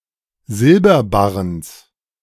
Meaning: genitive singular of Silberbarren
- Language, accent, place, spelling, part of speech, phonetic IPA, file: German, Germany, Berlin, Silberbarrens, noun, [ˈzɪlbɐˌbaʁəns], De-Silberbarrens.ogg